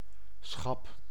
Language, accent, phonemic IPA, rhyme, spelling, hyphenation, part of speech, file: Dutch, Netherlands, /sxɑp/, -ɑp, schap, schap, noun, Nl-schap.ogg
- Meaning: 1. shelf 2. closet, cabinet